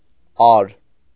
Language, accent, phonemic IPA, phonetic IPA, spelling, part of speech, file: Armenian, Eastern Armenian, /ɑɾ/, [ɑɾ], ար, noun, Hy-ար.ogg
- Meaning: are (unit of area)